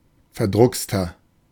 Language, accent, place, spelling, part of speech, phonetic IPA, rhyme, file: German, Germany, Berlin, verdruckster, adjective, [fɛɐ̯ˈdʁʊkstɐ], -ʊkstɐ, De-verdruckster.ogg
- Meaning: 1. comparative degree of verdruckst 2. inflection of verdruckst: strong/mixed nominative masculine singular 3. inflection of verdruckst: strong genitive/dative feminine singular